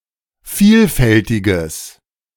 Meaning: strong/mixed nominative/accusative neuter singular of vielfältig
- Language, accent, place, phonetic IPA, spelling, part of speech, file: German, Germany, Berlin, [ˈfiːlˌfɛltɪɡəs], vielfältiges, adjective, De-vielfältiges.ogg